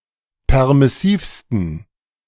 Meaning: 1. superlative degree of permissiv 2. inflection of permissiv: strong genitive masculine/neuter singular superlative degree
- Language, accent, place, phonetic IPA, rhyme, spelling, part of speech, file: German, Germany, Berlin, [ˌpɛʁmɪˈsiːfstn̩], -iːfstn̩, permissivsten, adjective, De-permissivsten.ogg